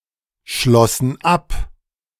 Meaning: first/third-person plural preterite of abschließen
- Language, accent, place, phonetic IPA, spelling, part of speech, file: German, Germany, Berlin, [ˌʃlɔsn̩ ˈap], schlossen ab, verb, De-schlossen ab.ogg